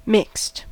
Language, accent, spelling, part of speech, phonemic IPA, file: English, US, mixed, verb / adjective, /mɪkst/, En-us-mixed.ogg
- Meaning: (verb) simple past and past participle of mix; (adjective) 1. Having two or more separate aspects 2. Not completely pure, tainted or adulterated 3. Including both male(s) and female(s)